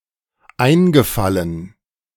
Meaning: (verb) past participle of einfallen; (adjective) hollow, sunken (e.g. of cheeks)
- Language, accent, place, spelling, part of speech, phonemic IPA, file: German, Germany, Berlin, eingefallen, verb / adjective, /ˈaɪ̯nɡəˌfalən/, De-eingefallen.ogg